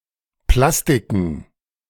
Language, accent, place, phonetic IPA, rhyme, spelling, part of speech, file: German, Germany, Berlin, [ˈplastɪkn̩], -astɪkn̩, Plastiken, noun, De-Plastiken.ogg
- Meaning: plural of Plastik